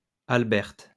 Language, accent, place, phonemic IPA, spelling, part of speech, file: French, France, Lyon, /al.bɛʁt/, Alberte, proper noun, LL-Q150 (fra)-Alberte.wav
- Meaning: a female given name, masculine equivalent Albert